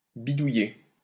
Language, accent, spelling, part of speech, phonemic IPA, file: French, France, bidouiller, verb, /bi.du.je/, LL-Q150 (fra)-bidouiller.wav
- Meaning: 1. to fiddle (with);to tamper (with) 2. to hack; to kludge out